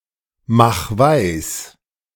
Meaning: 1. singular imperative of weismachen 2. first-person singular present of weismachen
- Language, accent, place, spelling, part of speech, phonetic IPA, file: German, Germany, Berlin, mach weis, verb, [ˌmax ˈvaɪ̯s], De-mach weis.ogg